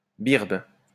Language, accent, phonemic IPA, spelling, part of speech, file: French, France, /biʁb/, birbe, noun, LL-Q150 (fra)-birbe.wav
- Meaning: greybeard (older man)